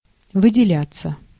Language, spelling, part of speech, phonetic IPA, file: Russian, выделяться, verb, [vɨdʲɪˈlʲat͡sːə], Ru-выделяться.ogg
- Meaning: 1. to stand out, to be distinguished (by), to be notable (by) 2. passive of выделя́ть (vydeljátʹ)